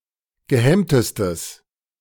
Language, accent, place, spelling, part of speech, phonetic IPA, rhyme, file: German, Germany, Berlin, gehemmtestes, adjective, [ɡəˈhɛmtəstəs], -ɛmtəstəs, De-gehemmtestes.ogg
- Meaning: strong/mixed nominative/accusative neuter singular superlative degree of gehemmt